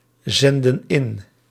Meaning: inflection of inzenden: 1. plural present indicative 2. plural present subjunctive
- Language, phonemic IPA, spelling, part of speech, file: Dutch, /ˈzɛndə(n) ˈɪn/, zenden in, verb, Nl-zenden in.ogg